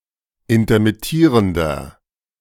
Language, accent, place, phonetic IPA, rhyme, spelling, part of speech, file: German, Germany, Berlin, [intɐmɪˈtiːʁəndɐ], -iːʁəndɐ, intermittierender, adjective, De-intermittierender.ogg
- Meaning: inflection of intermittierend: 1. strong/mixed nominative masculine singular 2. strong genitive/dative feminine singular 3. strong genitive plural